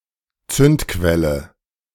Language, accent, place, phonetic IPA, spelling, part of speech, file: German, Germany, Berlin, [ˈt͡sʏntˌkvɛlə], Zündquelle, noun, De-Zündquelle.ogg
- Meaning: ignition source